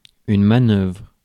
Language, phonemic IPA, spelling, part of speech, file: French, /ma.nœvʁ/, manœuvre, noun / verb, Fr-manœuvre.ogg
- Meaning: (noun) 1. move, movement 2. operation, manoeuvre 3. manoeuvres 4. labourer; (verb) inflection of manœuvrer: first/third-person singular present indicative/subjunctive